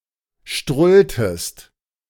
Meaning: inflection of strullen: 1. second-person singular preterite 2. second-person singular subjunctive II
- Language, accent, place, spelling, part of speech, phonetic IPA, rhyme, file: German, Germany, Berlin, strulltest, verb, [ˈʃtʁʊltəst], -ʊltəst, De-strulltest.ogg